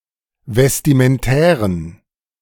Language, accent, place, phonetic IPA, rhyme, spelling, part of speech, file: German, Germany, Berlin, [vɛstimənˈtɛːʁən], -ɛːʁən, vestimentären, adjective, De-vestimentären.ogg
- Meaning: inflection of vestimentär: 1. strong genitive masculine/neuter singular 2. weak/mixed genitive/dative all-gender singular 3. strong/weak/mixed accusative masculine singular 4. strong dative plural